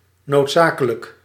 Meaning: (adjective) necessary; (adverb) necessarily
- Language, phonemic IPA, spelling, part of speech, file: Dutch, /notˈzakələkˌhɛit/, noodzakelijk, adjective, Nl-noodzakelijk.ogg